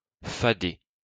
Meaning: to get stuck with
- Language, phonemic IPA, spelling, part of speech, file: French, /fa.de/, fader, verb, LL-Q150 (fra)-fader.wav